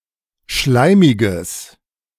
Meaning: strong/mixed nominative/accusative neuter singular of schleimig
- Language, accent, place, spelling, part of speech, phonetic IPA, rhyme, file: German, Germany, Berlin, schleimiges, adjective, [ˈʃlaɪ̯mɪɡəs], -aɪ̯mɪɡəs, De-schleimiges.ogg